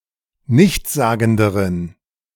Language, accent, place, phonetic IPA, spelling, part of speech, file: German, Germany, Berlin, [ˈnɪçt͡sˌzaːɡn̩dəʁən], nichtssagenderen, adjective, De-nichtssagenderen.ogg
- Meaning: inflection of nichtssagend: 1. strong genitive masculine/neuter singular comparative degree 2. weak/mixed genitive/dative all-gender singular comparative degree